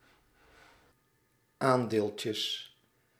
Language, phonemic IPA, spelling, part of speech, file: Dutch, /ˈandelcəs/, aandeeltjes, noun, Nl-aandeeltjes.ogg
- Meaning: plural of aandeeltje